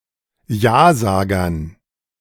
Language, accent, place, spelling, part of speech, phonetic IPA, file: German, Germany, Berlin, Jasagern, noun, [ˈjaːˌzaːɡɐn], De-Jasagern.ogg
- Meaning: dative plural of Jasager